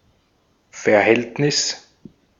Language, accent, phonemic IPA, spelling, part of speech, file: German, Austria, /fɛɐ̯ˈhɛltnɪs/, Verhältnis, noun, De-at-Verhältnis.ogg
- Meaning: 1. relation, ratio 2. relationship 3. affair (adulterous relationship) 4. circumstances, means (material and/or social conditions in which one lives)